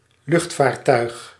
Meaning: aircraft, aerial vessel
- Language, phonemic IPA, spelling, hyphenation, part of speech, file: Dutch, /ˈlʏxtˌfaːr.tœy̯x/, luchtvaartuig, lucht‧vaar‧tuig, noun, Nl-luchtvaartuig.ogg